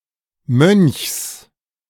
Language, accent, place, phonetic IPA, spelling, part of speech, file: German, Germany, Berlin, [mœnçs], Mönchs, noun, De-Mönchs.ogg
- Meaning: genitive singular of Mönch